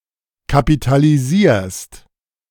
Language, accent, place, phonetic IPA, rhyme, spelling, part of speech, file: German, Germany, Berlin, [kapitaliˈziːɐ̯st], -iːɐ̯st, kapitalisierst, verb, De-kapitalisierst.ogg
- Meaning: second-person singular present of kapitalisieren